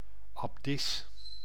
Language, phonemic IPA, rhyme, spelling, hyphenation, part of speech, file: Dutch, /ɑbˈdɪs/, -ɪs, abdis, ab‧dis, noun, Nl-abdis.ogg
- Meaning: an abbess (female superior of certain nunneries)